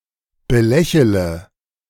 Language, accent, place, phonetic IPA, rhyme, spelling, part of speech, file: German, Germany, Berlin, [bəˈlɛçələ], -ɛçələ, belächele, verb, De-belächele.ogg
- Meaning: inflection of belächeln: 1. first-person singular present 2. first-person plural subjunctive I 3. third-person singular subjunctive I 4. singular imperative